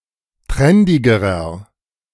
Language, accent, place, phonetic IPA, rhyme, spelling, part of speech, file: German, Germany, Berlin, [ˈtʁɛndɪɡəʁɐ], -ɛndɪɡəʁɐ, trendigerer, adjective, De-trendigerer.ogg
- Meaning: inflection of trendig: 1. strong/mixed nominative masculine singular comparative degree 2. strong genitive/dative feminine singular comparative degree 3. strong genitive plural comparative degree